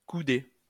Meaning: to fold elbow-shaped
- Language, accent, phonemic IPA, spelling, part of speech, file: French, France, /ku.de/, couder, verb, LL-Q150 (fra)-couder.wav